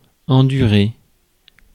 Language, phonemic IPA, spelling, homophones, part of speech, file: French, /ɑ̃.dy.ʁe/, endurer, endurai / enduré / endurée / endurées / endurés / endurez, verb, Fr-endurer.ogg
- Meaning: to endure, to bear